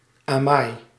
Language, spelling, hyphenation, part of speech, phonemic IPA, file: Dutch, amai, amai, interjection, /aːˈmɑi̯/, Nl-amai.ogg
- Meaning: 1. exclamation of surprise or disappointment; boy! 2. oh my, amazing